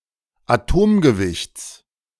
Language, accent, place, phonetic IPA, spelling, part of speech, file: German, Germany, Berlin, [aˈtoːmɡəˌvɪçt͡s], Atomgewichts, noun, De-Atomgewichts.ogg
- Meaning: genitive singular of Atomgewicht